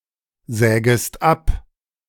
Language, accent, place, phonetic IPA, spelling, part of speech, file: German, Germany, Berlin, [ˌzɛːɡəst ˈap], sägest ab, verb, De-sägest ab.ogg
- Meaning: second-person singular subjunctive I of absägen